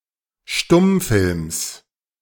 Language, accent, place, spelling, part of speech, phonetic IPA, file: German, Germany, Berlin, Stummfilms, noun, [ˈʃtʊmˌfɪlms], De-Stummfilms.ogg
- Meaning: genitive singular of Stummfilm